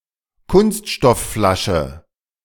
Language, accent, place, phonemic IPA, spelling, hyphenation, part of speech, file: German, Germany, Berlin, /ˈkʊnstʃtɔfˌflaʃə/, Kunststoffflasche, Kunst‧stoff‧fla‧sche, noun, De-Kunststoffflasche.ogg
- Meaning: plastic bottle